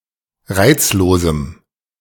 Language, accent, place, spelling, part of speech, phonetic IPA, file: German, Germany, Berlin, reizlosem, adjective, [ˈʁaɪ̯t͡sloːzm̩], De-reizlosem.ogg
- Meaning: strong dative masculine/neuter singular of reizlos